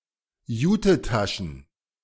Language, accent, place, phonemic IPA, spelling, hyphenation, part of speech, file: German, Germany, Berlin, /ˈjuːtəˌtaʃn̩/, Jutetaschen, Ju‧te‧ta‧schen, noun, De-Jutetaschen.ogg
- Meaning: plural of Jutetasche